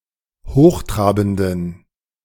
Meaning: inflection of hochtrabend: 1. strong genitive masculine/neuter singular 2. weak/mixed genitive/dative all-gender singular 3. strong/weak/mixed accusative masculine singular 4. strong dative plural
- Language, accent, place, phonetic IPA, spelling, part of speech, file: German, Germany, Berlin, [ˈhoːxˌtʁaːbn̩dən], hochtrabenden, adjective, De-hochtrabenden.ogg